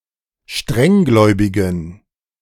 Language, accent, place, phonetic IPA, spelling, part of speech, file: German, Germany, Berlin, [ˈʃtʁɛŋˌɡlɔɪ̯bɪɡn̩], strenggläubigen, adjective, De-strenggläubigen.ogg
- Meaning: inflection of strenggläubig: 1. strong genitive masculine/neuter singular 2. weak/mixed genitive/dative all-gender singular 3. strong/weak/mixed accusative masculine singular 4. strong dative plural